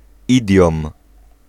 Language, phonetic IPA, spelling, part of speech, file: Polish, [ˈidʲjɔ̃m], idiom, noun, Pl-idiom.ogg